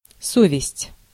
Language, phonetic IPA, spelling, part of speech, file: Russian, [ˈsovʲɪsʲtʲ], совесть, noun, Ru-совесть.ogg
- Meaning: conscience (moral sense)